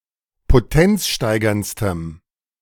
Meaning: strong dative masculine/neuter singular superlative degree of potenzsteigernd
- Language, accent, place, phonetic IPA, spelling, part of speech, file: German, Germany, Berlin, [poˈtɛnt͡sˌʃtaɪ̯ɡɐnt͡stəm], potenzsteigerndstem, adjective, De-potenzsteigerndstem.ogg